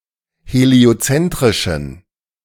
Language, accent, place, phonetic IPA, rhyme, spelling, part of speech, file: German, Germany, Berlin, [heli̯oˈt͡sɛntʁɪʃn̩], -ɛntʁɪʃn̩, heliozentrischen, adjective, De-heliozentrischen.ogg
- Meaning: inflection of heliozentrisch: 1. strong genitive masculine/neuter singular 2. weak/mixed genitive/dative all-gender singular 3. strong/weak/mixed accusative masculine singular 4. strong dative plural